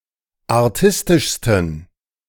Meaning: 1. superlative degree of artistisch 2. inflection of artistisch: strong genitive masculine/neuter singular superlative degree
- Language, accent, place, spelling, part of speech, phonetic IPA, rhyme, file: German, Germany, Berlin, artistischsten, adjective, [aʁˈtɪstɪʃstn̩], -ɪstɪʃstn̩, De-artistischsten.ogg